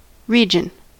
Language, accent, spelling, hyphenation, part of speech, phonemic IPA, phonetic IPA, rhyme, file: English, US, region, re‧gion, noun, /ˈɹi.d͡ʒən/, [ˈɹi.d͡ʒn̩], -iːdʒən, En-us-region.ogg